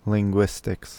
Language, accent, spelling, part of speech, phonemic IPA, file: English, US, linguistics, noun, /liŋˈɡwɪstɪks/, En-us-linguistics.ogg
- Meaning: The systematic and scholarly study of language